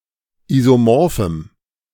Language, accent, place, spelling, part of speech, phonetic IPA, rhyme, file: German, Germany, Berlin, isomorphem, adjective, [ˌizoˈmɔʁfm̩], -ɔʁfm̩, De-isomorphem.ogg
- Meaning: strong dative masculine/neuter singular of isomorph